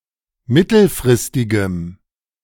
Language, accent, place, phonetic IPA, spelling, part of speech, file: German, Germany, Berlin, [ˈmɪtl̩fʁɪstɪɡəm], mittelfristigem, adjective, De-mittelfristigem.ogg
- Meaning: strong dative masculine/neuter singular of mittelfristig